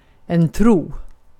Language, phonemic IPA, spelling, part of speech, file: Swedish, /truː/, tro, noun / verb, Sv-tro.ogg
- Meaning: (noun) 1. belief (that something is true or real (without being perfectly certain)) 2. belief, faith, trust (thinking that someone is reliable or telling the truth)